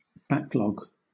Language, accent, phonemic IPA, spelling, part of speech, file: English, Southern England, /ˈbak(ˌ)lɔɡ/, backlog, noun / verb, LL-Q1860 (eng)-backlog.wav
- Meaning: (noun) 1. A large log to burn at the back of a fire 2. A reserve source or supply 3. An accumulation or buildup, especially of unfilled orders, unconsumed products or unfinished work